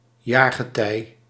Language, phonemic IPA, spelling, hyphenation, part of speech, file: Dutch, /ˈjarɣəˌtɛi/, jaargetij, jaar‧ge‧tij, noun, Nl-jaargetij.ogg
- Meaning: Short form of jaargetijde